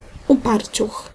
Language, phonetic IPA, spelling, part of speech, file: Polish, [uˈparʲt͡ɕux], uparciuch, noun, Pl-uparciuch.ogg